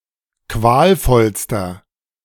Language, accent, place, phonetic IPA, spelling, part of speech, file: German, Germany, Berlin, [ˈkvaːlˌfɔlstɐ], qualvollster, adjective, De-qualvollster.ogg
- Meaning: inflection of qualvoll: 1. strong/mixed nominative masculine singular superlative degree 2. strong genitive/dative feminine singular superlative degree 3. strong genitive plural superlative degree